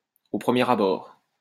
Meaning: at first, at first sight, at first glance, on first impression
- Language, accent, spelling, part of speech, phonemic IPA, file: French, France, au premier abord, adverb, /o pʁə.mjɛ.ʁ‿a.bɔʁ/, LL-Q150 (fra)-au premier abord.wav